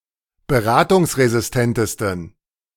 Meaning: 1. superlative degree of beratungsresistent 2. inflection of beratungsresistent: strong genitive masculine/neuter singular superlative degree
- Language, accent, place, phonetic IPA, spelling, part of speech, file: German, Germany, Berlin, [bəˈʁaːtʊŋsʁezɪsˌtɛntəstn̩], beratungsresistentesten, adjective, De-beratungsresistentesten.ogg